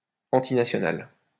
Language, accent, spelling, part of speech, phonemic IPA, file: French, France, antinational, adjective, /ɑ̃.ti.na.sjɔ.nal/, LL-Q150 (fra)-antinational.wav
- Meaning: antinational (all senses)